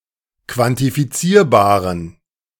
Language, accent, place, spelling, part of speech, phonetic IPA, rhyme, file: German, Germany, Berlin, quantifizierbaren, adjective, [kvantifiˈt͡siːɐ̯baːʁən], -iːɐ̯baːʁən, De-quantifizierbaren.ogg
- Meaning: inflection of quantifizierbar: 1. strong genitive masculine/neuter singular 2. weak/mixed genitive/dative all-gender singular 3. strong/weak/mixed accusative masculine singular 4. strong dative plural